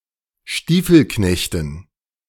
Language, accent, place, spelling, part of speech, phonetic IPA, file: German, Germany, Berlin, Stiefelknechten, noun, [ˈʃtiːfl̩ˌknɛçtn̩], De-Stiefelknechten.ogg
- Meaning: dative plural of Stiefelknecht